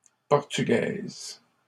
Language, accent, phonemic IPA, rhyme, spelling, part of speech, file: French, Canada, /pɔʁ.ty.ɡɛz/, -ɛz, portugaise, adjective, LL-Q150 (fra)-portugaise.wav
- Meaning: feminine singular of portugais